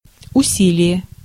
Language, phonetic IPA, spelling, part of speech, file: Russian, [ʊˈsʲilʲɪje], усилие, noun, Ru-усилие.ogg
- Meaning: effort, exertion, endeavour